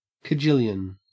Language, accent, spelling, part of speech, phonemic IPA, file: English, Australia, kajillion, noun, /kəˈd͡ʒɪljən/, En-au-kajillion.ogg
- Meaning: An unspecified large number (of)